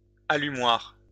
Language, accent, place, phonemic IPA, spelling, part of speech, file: French, France, Lyon, /a.ly.mwaʁ/, allumoir, noun, LL-Q150 (fra)-allumoir.wav
- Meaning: an early form of cigarette lighter